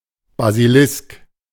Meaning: 1. basilisk, cockatrice (mythical creature) 2. basilisk, any member of the genus Basiliscus of lizards
- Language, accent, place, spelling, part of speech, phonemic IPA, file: German, Germany, Berlin, Basilisk, noun, /baziˈlɪsk/, De-Basilisk.ogg